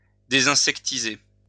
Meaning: debug (to remove insects from somewhere)
- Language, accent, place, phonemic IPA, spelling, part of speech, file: French, France, Lyon, /de.zɛ̃.sɛk.ti.ze/, désinsectiser, verb, LL-Q150 (fra)-désinsectiser.wav